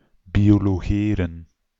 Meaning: to entrance, to mesmerize
- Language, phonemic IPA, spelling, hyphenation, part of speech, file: Dutch, /bi.oː.loːˈɣeː.rə(n)/, biologeren, bio‧lo‧ge‧ren, verb, Nl-biologeren.ogg